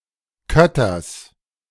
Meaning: genitive of Kötter
- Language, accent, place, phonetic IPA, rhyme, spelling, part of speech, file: German, Germany, Berlin, [ˈkœtɐs], -œtɐs, Kötters, noun, De-Kötters.ogg